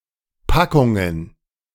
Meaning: plural of Packung
- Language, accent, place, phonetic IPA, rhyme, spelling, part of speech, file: German, Germany, Berlin, [ˈpakʊŋən], -akʊŋən, Packungen, noun, De-Packungen.ogg